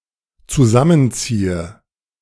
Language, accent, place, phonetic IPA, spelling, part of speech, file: German, Germany, Berlin, [t͡suˈzamənˌt͡siːə], zusammenziehe, verb, De-zusammenziehe.ogg
- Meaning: inflection of zusammenziehen: 1. first-person singular dependent present 2. first/third-person singular dependent subjunctive I